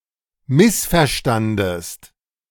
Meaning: second-person singular preterite of missverstehen
- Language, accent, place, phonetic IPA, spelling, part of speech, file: German, Germany, Berlin, [ˈmɪsfɛɐ̯ˌʃtandəst], missverstandest, verb, De-missverstandest.ogg